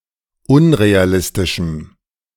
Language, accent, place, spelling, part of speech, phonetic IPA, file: German, Germany, Berlin, unrealistischem, adjective, [ˈʊnʁeaˌlɪstɪʃm̩], De-unrealistischem.ogg
- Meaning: strong dative masculine/neuter singular of unrealistisch